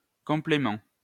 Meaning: 1. complement, thing added that makes a whole 2. complement
- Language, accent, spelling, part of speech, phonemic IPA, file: French, France, complément, noun, /kɔ̃.ple.mɑ̃/, LL-Q150 (fra)-complément.wav